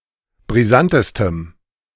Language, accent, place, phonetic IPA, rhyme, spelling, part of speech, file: German, Germany, Berlin, [bʁiˈzantəstəm], -antəstəm, brisantestem, adjective, De-brisantestem.ogg
- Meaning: strong dative masculine/neuter singular superlative degree of brisant